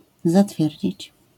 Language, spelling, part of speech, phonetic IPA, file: Polish, zatwierdzić, verb, [zaˈtfʲjɛrʲd͡ʑit͡ɕ], LL-Q809 (pol)-zatwierdzić.wav